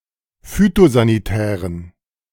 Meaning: inflection of phytosanitär: 1. strong genitive masculine/neuter singular 2. weak/mixed genitive/dative all-gender singular 3. strong/weak/mixed accusative masculine singular 4. strong dative plural
- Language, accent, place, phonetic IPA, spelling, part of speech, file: German, Germany, Berlin, [ˈfyːtozaniˌtɛːʁən], phytosanitären, adjective, De-phytosanitären.ogg